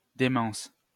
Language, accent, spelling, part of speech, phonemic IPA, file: French, France, démence, noun, /de.mɑ̃s/, LL-Q150 (fra)-démence.wav
- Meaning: dementia